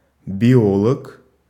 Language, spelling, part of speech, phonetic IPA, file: Russian, биолог, noun, [bʲɪˈoɫək], Ru-биолог.ogg
- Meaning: biologist (male or female)